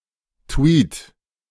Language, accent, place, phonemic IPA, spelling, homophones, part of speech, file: German, Germany, Berlin, /tviːt/, Tweet, Tweed, noun, De-Tweet.ogg
- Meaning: tweet (post to Twitter)